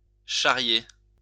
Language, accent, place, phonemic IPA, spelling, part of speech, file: French, France, Lyon, /ʃa.ʁje/, charrier, verb, LL-Q150 (fra)-charrier.wav
- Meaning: 1. to carry, carry along; to transport (cargo etc.) 2. to pull someone's leg, to rib (to tease someone in a good-natured way)